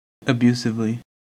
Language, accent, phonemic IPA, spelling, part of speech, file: English, US, /əˈbju.sɪv.li/, abusively, adverb, En-us-abusively.ogg
- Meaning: In an abusive manner; rudely; with abusive language